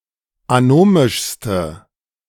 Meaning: inflection of anomisch: 1. strong/mixed nominative/accusative feminine singular superlative degree 2. strong nominative/accusative plural superlative degree
- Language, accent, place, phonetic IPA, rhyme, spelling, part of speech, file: German, Germany, Berlin, [aˈnoːmɪʃstə], -oːmɪʃstə, anomischste, adjective, De-anomischste.ogg